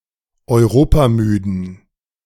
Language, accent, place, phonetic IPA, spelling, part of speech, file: German, Germany, Berlin, [ɔɪ̯ˈʁoːpaˌmyːdn̩], europamüden, adjective, De-europamüden.ogg
- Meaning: inflection of europamüde: 1. strong genitive masculine/neuter singular 2. weak/mixed genitive/dative all-gender singular 3. strong/weak/mixed accusative masculine singular 4. strong dative plural